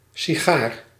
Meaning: cigar
- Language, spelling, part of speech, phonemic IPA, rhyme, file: Dutch, sigaar, noun, /si.ˈɣaːr/, -aːr, Nl-sigaar.ogg